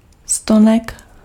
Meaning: stem
- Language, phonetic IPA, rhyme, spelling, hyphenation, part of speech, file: Czech, [ˈstonɛk], -onɛk, stonek, sto‧nek, noun, Cs-stonek.ogg